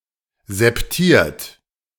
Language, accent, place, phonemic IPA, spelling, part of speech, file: German, Germany, Berlin, /zɛpˈtiːɐ̯t/, septiert, adjective, De-septiert.ogg
- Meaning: septate